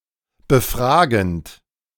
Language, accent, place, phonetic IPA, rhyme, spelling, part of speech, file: German, Germany, Berlin, [bəˈfʁaːɡn̩t], -aːɡn̩t, befragend, verb, De-befragend.ogg
- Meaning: present participle of befragen